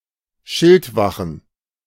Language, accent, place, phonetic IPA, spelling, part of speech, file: German, Germany, Berlin, [ˈʃɪltˌvaxn̩], Schildwachen, noun, De-Schildwachen.ogg
- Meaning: plural of Schildwache